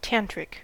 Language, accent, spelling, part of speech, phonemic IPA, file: English, US, tantric, adjective, /ˈtæntɹɪk/, En-us-tantric.ogg
- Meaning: 1. Related to Vajrayana Buddhism 2. Related to any of several branches of yoga or esoteric traditions rooted in India